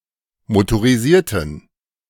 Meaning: inflection of motorisiert: 1. strong genitive masculine/neuter singular 2. weak/mixed genitive/dative all-gender singular 3. strong/weak/mixed accusative masculine singular 4. strong dative plural
- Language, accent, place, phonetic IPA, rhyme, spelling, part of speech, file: German, Germany, Berlin, [motoʁiˈziːɐ̯tn̩], -iːɐ̯tn̩, motorisierten, adjective, De-motorisierten.ogg